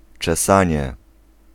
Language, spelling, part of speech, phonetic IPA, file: Polish, czesanie, noun, [t͡ʃɛˈsãɲɛ], Pl-czesanie.ogg